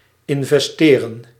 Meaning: to invest
- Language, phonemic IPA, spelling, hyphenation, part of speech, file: Dutch, /ɪn.vɛsˈteː.rə(n)/, investeren, in‧ves‧te‧ren, verb, Nl-investeren.ogg